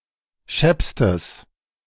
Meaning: strong/mixed nominative/accusative neuter singular superlative degree of schepp
- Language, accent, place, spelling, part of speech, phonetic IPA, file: German, Germany, Berlin, scheppstes, adjective, [ˈʃɛpstəs], De-scheppstes.ogg